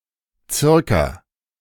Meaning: circa
- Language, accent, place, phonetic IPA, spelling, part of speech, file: German, Germany, Berlin, [ˈt͡sɪʁka], circa, adverb, De-circa.ogg